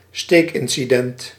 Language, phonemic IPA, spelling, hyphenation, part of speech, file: Dutch, /ˈsteːk.ɪn.siˌdɛnt/, steekincident, steek‧in‧ci‧dent, noun, Nl-steekincident.ogg
- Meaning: a stabbing incident